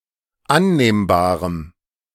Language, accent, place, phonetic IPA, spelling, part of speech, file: German, Germany, Berlin, [ˈanneːmbaːʁəm], annehmbarem, adjective, De-annehmbarem.ogg
- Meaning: strong dative masculine/neuter singular of annehmbar